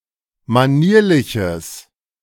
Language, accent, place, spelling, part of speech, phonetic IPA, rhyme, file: German, Germany, Berlin, manierliches, adjective, [maˈniːɐ̯lɪçəs], -iːɐ̯lɪçəs, De-manierliches.ogg
- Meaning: strong/mixed nominative/accusative neuter singular of manierlich